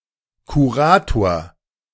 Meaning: 1. curator (administrator of a collection) 2. curator (member of a curatorium)
- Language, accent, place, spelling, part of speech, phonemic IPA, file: German, Germany, Berlin, Kurator, noun, /kuˈʁaːtoːɐ̯/, De-Kurator.ogg